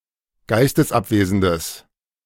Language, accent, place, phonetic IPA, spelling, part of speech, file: German, Germany, Berlin, [ˈɡaɪ̯stəsˌʔapveːzn̩dəs], geistesabwesendes, adjective, De-geistesabwesendes.ogg
- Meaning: strong/mixed nominative/accusative neuter singular of geistesabwesend